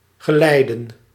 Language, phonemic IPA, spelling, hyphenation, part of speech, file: Dutch, /ɣəˈlɛi̯də(n)/, geleiden, ge‧lei‧den, verb, Nl-geleiden.ogg
- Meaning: 1. to escort, to accompany 2. to guide (along a certain path) 3. to give guidance (especially moral) 4. to conduct (electricity) 5. to accompany (a piece, musician etc.)